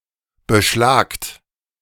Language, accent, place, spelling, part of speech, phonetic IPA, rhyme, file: German, Germany, Berlin, beschlagt, verb, [bəˈʃlaːkt], -aːkt, De-beschlagt.ogg
- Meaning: inflection of beschlagen: 1. second-person plural present 2. plural imperative